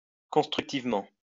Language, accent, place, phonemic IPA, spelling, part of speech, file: French, France, Lyon, /kɔ̃s.tʁyk.tiv.mɑ̃/, constructivement, adverb, LL-Q150 (fra)-constructivement.wav
- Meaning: constructively